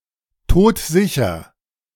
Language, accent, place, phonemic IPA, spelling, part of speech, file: German, Germany, Berlin, /ˈtoːtˈzɪçɐ/, todsicher, adjective, De-todsicher.ogg
- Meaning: dead certain, surefire